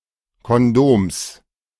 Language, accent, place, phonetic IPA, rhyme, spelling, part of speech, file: German, Germany, Berlin, [kɔnˈdoːms], -oːms, Kondoms, noun, De-Kondoms.ogg
- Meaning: genitive singular of Kondom